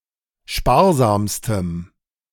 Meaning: strong dative masculine/neuter singular superlative degree of sparsam
- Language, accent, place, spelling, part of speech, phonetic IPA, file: German, Germany, Berlin, sparsamstem, adjective, [ˈʃpaːɐ̯ˌzaːmstəm], De-sparsamstem.ogg